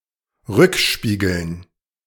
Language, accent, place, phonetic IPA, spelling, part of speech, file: German, Germany, Berlin, [ˈʁʏkˌʃpiːɡl̩n], Rückspiegeln, noun, De-Rückspiegeln.ogg
- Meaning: dative plural of Rückspiegel